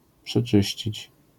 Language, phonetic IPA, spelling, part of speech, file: Polish, [pʃɛˈt͡ʃɨɕt͡ɕit͡ɕ], przeczyścić, verb, LL-Q809 (pol)-przeczyścić.wav